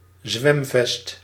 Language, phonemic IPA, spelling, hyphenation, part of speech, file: Dutch, /ˈzʋɛm.vɛst/, zwemvest, zwem‧vest, noun, Nl-zwemvest.ogg
- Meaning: life vest